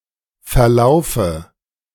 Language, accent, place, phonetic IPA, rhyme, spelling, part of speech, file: German, Germany, Berlin, [fɛɐ̯ˈlaʊ̯fə], -aʊ̯fə, verlaufe, verb, De-verlaufe.ogg
- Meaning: inflection of verlaufen: 1. first-person singular present 2. first/third-person singular subjunctive I 3. singular imperative